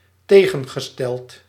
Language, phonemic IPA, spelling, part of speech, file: Dutch, /ˈteɣə(n)ɣəstɛɫt/, tegengesteld, verb / adjective, Nl-tegengesteld.ogg
- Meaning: opposite